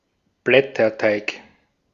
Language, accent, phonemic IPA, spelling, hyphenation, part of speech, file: German, Austria, /ˈblɛtɐˌtaɪk/, Blätterteig, Blät‧ter‧teig, noun, De-at-Blätterteig.ogg
- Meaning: puff pastry (light, flaky pastry)